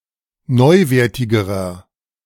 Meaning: inflection of neuwertig: 1. strong/mixed nominative masculine singular comparative degree 2. strong genitive/dative feminine singular comparative degree 3. strong genitive plural comparative degree
- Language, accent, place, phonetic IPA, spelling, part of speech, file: German, Germany, Berlin, [ˈnɔɪ̯ˌveːɐ̯tɪɡəʁɐ], neuwertigerer, adjective, De-neuwertigerer.ogg